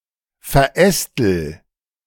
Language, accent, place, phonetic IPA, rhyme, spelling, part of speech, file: German, Germany, Berlin, [fɛɐ̯ˈʔɛstl̩], -ɛstl̩, verästel, verb, De-verästel.ogg
- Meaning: inflection of verästeln: 1. first-person singular present 2. singular imperative